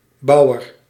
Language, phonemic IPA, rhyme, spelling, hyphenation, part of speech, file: Dutch, /ˈbɑu̯.ər/, -ɑu̯ər, bouwer, bou‧wer, noun, Nl-bouwer.ogg
- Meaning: 1. builder 2. alternative form of boer